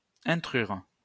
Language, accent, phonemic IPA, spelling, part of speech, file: French, France, /ɛ̃.tʁyʁ/, intrure, verb, LL-Q150 (fra)-intrure.wav
- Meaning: to intrude